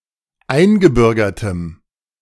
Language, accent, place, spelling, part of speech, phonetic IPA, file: German, Germany, Berlin, eingebürgertem, adjective, [ˈaɪ̯nɡəˌbʏʁɡɐtəm], De-eingebürgertem.ogg
- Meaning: strong dative masculine/neuter singular of eingebürgert